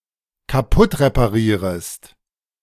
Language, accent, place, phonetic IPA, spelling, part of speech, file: German, Germany, Berlin, [kaˈpʊtʁepaˌʁiːʁəst], kaputtreparierest, verb, De-kaputtreparierest.ogg
- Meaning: second-person singular dependent subjunctive I of kaputtreparieren